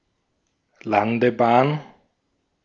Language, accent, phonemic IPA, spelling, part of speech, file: German, Austria, /ˈlandəˌbaːn/, Landebahn, noun, De-at-Landebahn.ogg
- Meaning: runway